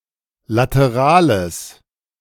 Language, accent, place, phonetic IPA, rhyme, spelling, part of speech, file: German, Germany, Berlin, [ˌlatəˈʁaːləs], -aːləs, laterales, adjective, De-laterales.ogg
- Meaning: strong/mixed nominative/accusative neuter singular of lateral